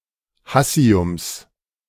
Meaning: genitive singular of Hassium
- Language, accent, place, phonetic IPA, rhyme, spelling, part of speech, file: German, Germany, Berlin, [ˈhasi̯ʊms], -asi̯ʊms, Hassiums, noun, De-Hassiums.ogg